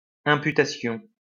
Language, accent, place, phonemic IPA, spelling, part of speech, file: French, France, Lyon, /ɛ̃.py.ta.sjɔ̃/, imputation, noun, LL-Q150 (fra)-imputation.wav
- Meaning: imputation